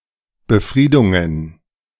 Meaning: plural of Befriedung
- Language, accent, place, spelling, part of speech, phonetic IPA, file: German, Germany, Berlin, Befriedungen, noun, [bəˈfʁiːdʊŋən], De-Befriedungen.ogg